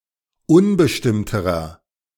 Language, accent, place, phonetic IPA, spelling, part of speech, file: German, Germany, Berlin, [ˈʊnbəʃtɪmtəʁɐ], unbestimmterer, adjective, De-unbestimmterer.ogg
- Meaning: inflection of unbestimmt: 1. strong/mixed nominative masculine singular comparative degree 2. strong genitive/dative feminine singular comparative degree 3. strong genitive plural comparative degree